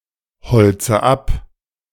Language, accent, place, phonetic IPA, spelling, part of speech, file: German, Germany, Berlin, [ˌhɔlt͡sə ˈap], holze ab, verb, De-holze ab.ogg
- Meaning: inflection of abholzen: 1. first-person singular present 2. first/third-person singular subjunctive I 3. singular imperative